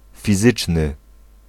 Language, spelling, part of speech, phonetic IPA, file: Polish, fizyczny, adjective, [fʲiˈzɨt͡ʃnɨ], Pl-fizyczny.ogg